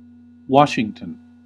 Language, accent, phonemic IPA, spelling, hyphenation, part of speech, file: English, US, /wɔɹʃɪŋtən/, Washington, Wash‧ing‧ton, proper noun / noun, En-us-Washington.ogg
- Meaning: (proper noun) 1. A state in the Pacific Northwest region of the United States. Capital: Olympia. Largest city: Seattle 2. Washington, D.C. (the capital city of the United States)